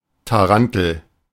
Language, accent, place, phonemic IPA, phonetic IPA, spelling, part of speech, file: German, Germany, Berlin, /taˈran.təl/, [taˈʁan.tl̩], Tarantel, noun, De-Tarantel.ogg
- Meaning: 1. tarantula (Lycosa tarantula, kind of wolf spider of southern Europe) 2. certain other large species of wolf spider, chiefly of the genera Alopecosa, Hogna, Lycosa